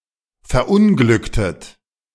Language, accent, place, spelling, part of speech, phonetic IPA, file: German, Germany, Berlin, verunglücktet, verb, [fɛɐ̯ˈʔʊnɡlʏktət], De-verunglücktet.ogg
- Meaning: inflection of verunglücken: 1. second-person plural preterite 2. second-person plural subjunctive II